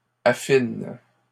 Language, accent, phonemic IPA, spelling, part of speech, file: French, Canada, /a.fin/, affines, verb, LL-Q150 (fra)-affines.wav
- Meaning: second-person singular present indicative/subjunctive of affiner